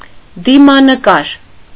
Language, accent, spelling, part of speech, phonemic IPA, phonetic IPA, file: Armenian, Eastern Armenian, դիմանկար, noun, /dimɑnəˈkɑɾ/, [dimɑnəkɑ́ɾ], Hy-դիմանկար.ogg
- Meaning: portrait